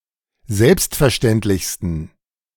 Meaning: 1. superlative degree of selbstverständlich 2. inflection of selbstverständlich: strong genitive masculine/neuter singular superlative degree
- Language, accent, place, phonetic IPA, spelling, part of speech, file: German, Germany, Berlin, [ˈzɛlpstfɛɐ̯ˌʃtɛntlɪçstn̩], selbstverständlichsten, adjective, De-selbstverständlichsten.ogg